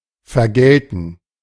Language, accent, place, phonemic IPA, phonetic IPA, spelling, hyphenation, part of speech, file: German, Germany, Berlin, /fɛʁˈɡɛltən/, [fɛɐ̯ˈɡɛltn̩], vergelten, ver‧gel‧ten, verb, De-vergelten.ogg
- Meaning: 1. to retaliate 2. to reward